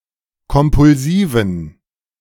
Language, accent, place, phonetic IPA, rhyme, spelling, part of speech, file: German, Germany, Berlin, [kɔmpʊlˈziːvn̩], -iːvn̩, kompulsiven, adjective, De-kompulsiven.ogg
- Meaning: inflection of kompulsiv: 1. strong genitive masculine/neuter singular 2. weak/mixed genitive/dative all-gender singular 3. strong/weak/mixed accusative masculine singular 4. strong dative plural